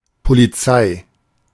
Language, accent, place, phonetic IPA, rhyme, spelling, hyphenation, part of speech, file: German, Germany, Berlin, [ˌpo.liˈt͡saɪ̯], -aɪ̯, Polizei, Po‧li‧zei, noun, De-Polizei.ogg
- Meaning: police; law enforcement